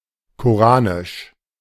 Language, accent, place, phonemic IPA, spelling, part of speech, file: German, Germany, Berlin, /koˈʁaːnɪʃ/, koranisch, adjective, De-koranisch.ogg
- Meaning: Qur'anic, Koranic